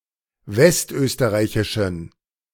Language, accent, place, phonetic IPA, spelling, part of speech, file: German, Germany, Berlin, [ˈvɛstˌʔøːstəʁaɪ̯çɪʃn̩], westösterreichischen, adjective, De-westösterreichischen.ogg
- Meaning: inflection of westösterreichisch: 1. strong genitive masculine/neuter singular 2. weak/mixed genitive/dative all-gender singular 3. strong/weak/mixed accusative masculine singular